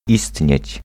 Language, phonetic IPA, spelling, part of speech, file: Polish, [ˈistʲɲɛ̇t͡ɕ], istnieć, verb, Pl-istnieć.ogg